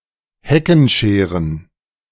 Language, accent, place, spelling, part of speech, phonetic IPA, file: German, Germany, Berlin, Heckenscheren, noun, [ˈhɛkənˌʃeːʁən], De-Heckenscheren.ogg
- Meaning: plural of Heckenschere